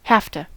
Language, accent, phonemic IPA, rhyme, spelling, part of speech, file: English, US, /ˈhæf.tə/, -æftə, hafta, verb, En-us-hafta.ogg
- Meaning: Contraction of have to (“be required to; must”)